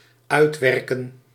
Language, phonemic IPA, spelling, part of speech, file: Dutch, /ˈœytwɛrkə(n)/, uitwerken, verb, Nl-uitwerken.ogg
- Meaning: 1. to effect, put in place 2. to elaborate, expand